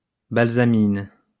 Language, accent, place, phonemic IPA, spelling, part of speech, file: French, France, Lyon, /bal.za.min/, balsamine, noun, LL-Q150 (fra)-balsamine.wav
- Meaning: balsam (plant) (plant of Impatiens)